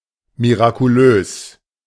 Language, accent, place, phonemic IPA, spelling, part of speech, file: German, Germany, Berlin, /miʁakuˈløːs/, mirakulös, adjective, De-mirakulös.ogg
- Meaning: miraculous